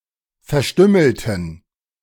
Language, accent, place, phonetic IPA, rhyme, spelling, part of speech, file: German, Germany, Berlin, [fɛɐ̯ˈʃtʏml̩tn̩], -ʏml̩tn̩, verstümmelten, adjective / verb, De-verstümmelten.ogg
- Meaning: inflection of verstümmeln: 1. first/third-person plural preterite 2. first/third-person plural subjunctive II